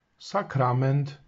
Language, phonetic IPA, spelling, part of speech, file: Polish, [saˈkrãmɛ̃nt], sakrament, noun, Pl-sakrament.ogg